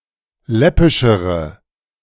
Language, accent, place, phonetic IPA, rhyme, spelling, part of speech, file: German, Germany, Berlin, [ˈlɛpɪʃəʁə], -ɛpɪʃəʁə, läppischere, adjective, De-läppischere.ogg
- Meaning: inflection of läppisch: 1. strong/mixed nominative/accusative feminine singular comparative degree 2. strong nominative/accusative plural comparative degree